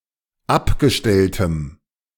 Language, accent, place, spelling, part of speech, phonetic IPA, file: German, Germany, Berlin, abgestelltem, adjective, [ˈapɡəˌʃtɛltəm], De-abgestelltem.ogg
- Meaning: strong dative masculine/neuter singular of abgestellt